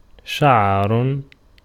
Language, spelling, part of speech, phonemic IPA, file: Arabic, شعر, noun / verb, /ʃa.ʕar/, Ar-شعر.ogg
- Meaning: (noun) 1. hair 2. bristles 3. fur, pelt 4. cracks, hairline cracks (in a vase) 5. tomfoolery, mumbo-jumbery, bobbins; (verb) to have thick and long hair, to be hirsute